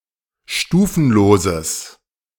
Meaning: strong/mixed nominative/accusative neuter singular of stufenlos
- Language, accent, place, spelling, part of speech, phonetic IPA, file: German, Germany, Berlin, stufenloses, adjective, [ˈʃtuːfn̩loːzəs], De-stufenloses.ogg